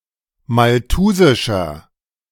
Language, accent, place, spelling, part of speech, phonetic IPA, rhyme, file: German, Germany, Berlin, malthusischer, adjective, [malˈtuːzɪʃɐ], -uːzɪʃɐ, De-malthusischer.ogg
- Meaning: inflection of malthusisch: 1. strong/mixed nominative masculine singular 2. strong genitive/dative feminine singular 3. strong genitive plural